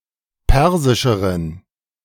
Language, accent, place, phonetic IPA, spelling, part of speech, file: German, Germany, Berlin, [ˈpɛʁzɪʃəʁən], persischeren, adjective, De-persischeren.ogg
- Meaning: inflection of persisch: 1. strong genitive masculine/neuter singular comparative degree 2. weak/mixed genitive/dative all-gender singular comparative degree